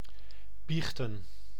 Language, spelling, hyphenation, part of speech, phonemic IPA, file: Dutch, biechten, biech‧ten, verb, /ˈbixtə(n)/, Nl-biechten.ogg
- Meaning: to confess